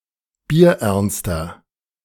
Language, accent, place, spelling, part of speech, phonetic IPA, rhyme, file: German, Germany, Berlin, bierernster, adjective, [biːɐ̯ˈʔɛʁnstɐ], -ɛʁnstɐ, De-bierernster.ogg
- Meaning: 1. comparative degree of bierernst 2. inflection of bierernst: strong/mixed nominative masculine singular 3. inflection of bierernst: strong genitive/dative feminine singular